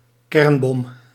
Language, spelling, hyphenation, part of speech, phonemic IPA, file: Dutch, kernbom, kern‧bom, noun, /ˈkɛrn.bɔm/, Nl-kernbom.ogg
- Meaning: nuclear bomb